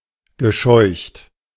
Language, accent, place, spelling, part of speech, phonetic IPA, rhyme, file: German, Germany, Berlin, gescheucht, verb, [ɡəˈʃɔɪ̯çt], -ɔɪ̯çt, De-gescheucht.ogg
- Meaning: past participle of scheuchen